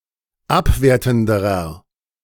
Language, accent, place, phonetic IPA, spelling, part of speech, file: German, Germany, Berlin, [ˈapˌveːɐ̯tn̩dəʁɐ], abwertenderer, adjective, De-abwertenderer.ogg
- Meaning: inflection of abwertend: 1. strong/mixed nominative masculine singular comparative degree 2. strong genitive/dative feminine singular comparative degree 3. strong genitive plural comparative degree